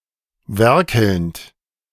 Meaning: present participle of werkeln
- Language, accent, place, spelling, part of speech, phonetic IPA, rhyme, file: German, Germany, Berlin, werkelnd, verb, [ˈvɛʁkl̩nt], -ɛʁkl̩nt, De-werkelnd.ogg